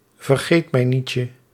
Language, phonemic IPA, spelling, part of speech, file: Dutch, /vərˈɣetməˌnicə/, vergeet-mij-nietje, noun, Nl-vergeet-mij-nietje.ogg
- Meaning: diminutive of vergeet-mij-niet